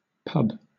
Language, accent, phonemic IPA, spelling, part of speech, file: English, Southern England, /pʌb/, pub, noun / verb, LL-Q1860 (eng)-pub.wav
- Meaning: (noun) A public house where beverages, primarily alcoholic, may be bought and consumed, also providing food and sometimes entertainment such as live music or television